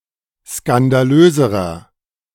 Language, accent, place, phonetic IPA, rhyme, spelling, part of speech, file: German, Germany, Berlin, [skandaˈløːzəʁɐ], -øːzəʁɐ, skandalöserer, adjective, De-skandalöserer.ogg
- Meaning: inflection of skandalös: 1. strong/mixed nominative masculine singular comparative degree 2. strong genitive/dative feminine singular comparative degree 3. strong genitive plural comparative degree